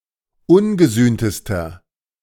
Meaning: inflection of ungesühnt: 1. strong/mixed nominative masculine singular superlative degree 2. strong genitive/dative feminine singular superlative degree 3. strong genitive plural superlative degree
- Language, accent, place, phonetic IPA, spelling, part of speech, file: German, Germany, Berlin, [ˈʊnɡəˌzyːntəstɐ], ungesühntester, adjective, De-ungesühntester.ogg